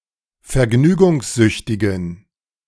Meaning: inflection of vergnügungssüchtig: 1. strong genitive masculine/neuter singular 2. weak/mixed genitive/dative all-gender singular 3. strong/weak/mixed accusative masculine singular
- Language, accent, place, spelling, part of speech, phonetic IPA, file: German, Germany, Berlin, vergnügungssüchtigen, adjective, [fɛɐ̯ˈɡnyːɡʊŋsˌzʏçtɪɡn̩], De-vergnügungssüchtigen.ogg